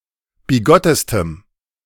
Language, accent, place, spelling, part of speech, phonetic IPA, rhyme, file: German, Germany, Berlin, bigottestem, adjective, [biˈɡɔtəstəm], -ɔtəstəm, De-bigottestem.ogg
- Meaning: strong dative masculine/neuter singular superlative degree of bigott